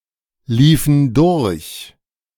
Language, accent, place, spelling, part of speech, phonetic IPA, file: German, Germany, Berlin, liefen durch, verb, [ˌliːfn̩ ˈdʊʁç], De-liefen durch.ogg
- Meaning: inflection of durchlaufen: 1. first/third-person plural preterite 2. first/third-person plural subjunctive II